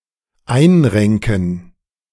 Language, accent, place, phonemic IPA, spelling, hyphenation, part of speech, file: German, Germany, Berlin, /ˈaɪ̯nˌʁɛŋkən/, einrenken, ein‧ren‧ken, verb, De-einrenken.ogg
- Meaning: 1. to reduce (to restore a dislocation to the correct alignment) 2. to set right